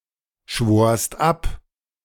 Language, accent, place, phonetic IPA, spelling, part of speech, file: German, Germany, Berlin, [ˌʃvoːɐ̯st ˈap], schworst ab, verb, De-schworst ab.ogg
- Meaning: second-person singular preterite of abschwören